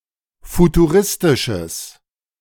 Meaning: strong/mixed nominative/accusative neuter singular of futuristisch
- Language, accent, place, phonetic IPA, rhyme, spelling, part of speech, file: German, Germany, Berlin, [futuˈʁɪstɪʃəs], -ɪstɪʃəs, futuristisches, adjective, De-futuristisches.ogg